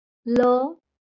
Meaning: The twenty-seventh consonant in Marathi
- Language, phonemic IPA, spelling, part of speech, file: Marathi, /lə/, ल, character, LL-Q1571 (mar)-ल.wav